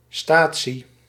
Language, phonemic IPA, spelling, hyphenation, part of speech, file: Dutch, /ˈstaː.(t)si/, statie, sta‧tie, noun, Nl-statie.ogg
- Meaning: train station